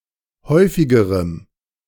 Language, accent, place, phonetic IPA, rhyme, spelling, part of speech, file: German, Germany, Berlin, [ˈhɔɪ̯fɪɡəʁəm], -ɔɪ̯fɪɡəʁəm, häufigerem, adjective, De-häufigerem.ogg
- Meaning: strong dative masculine/neuter singular comparative degree of häufig